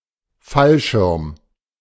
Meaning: parachute
- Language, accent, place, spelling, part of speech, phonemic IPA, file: German, Germany, Berlin, Fallschirm, noun, /ˈfalˌʃɪʁm/, De-Fallschirm.ogg